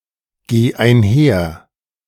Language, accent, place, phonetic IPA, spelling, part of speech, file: German, Germany, Berlin, [ˌɡeː aɪ̯nˈhɛɐ̯], geh einher, verb, De-geh einher.ogg
- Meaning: singular imperative of einhergehen